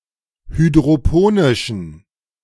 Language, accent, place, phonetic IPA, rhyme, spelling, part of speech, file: German, Germany, Berlin, [hydʁoˈpoːnɪʃn̩], -oːnɪʃn̩, hydroponischen, adjective, De-hydroponischen.ogg
- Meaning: inflection of hydroponisch: 1. strong genitive masculine/neuter singular 2. weak/mixed genitive/dative all-gender singular 3. strong/weak/mixed accusative masculine singular 4. strong dative plural